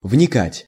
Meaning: to penetrate, to delve into, to consider carefully
- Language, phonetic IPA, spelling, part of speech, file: Russian, [vnʲɪˈkatʲ], вникать, verb, Ru-вникать.ogg